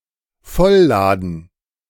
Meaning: to load up
- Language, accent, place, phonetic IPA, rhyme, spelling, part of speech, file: German, Germany, Berlin, [ˈfɔlˌlaːdn̩], -ɔllaːdn̩, vollladen, verb, De-vollladen.ogg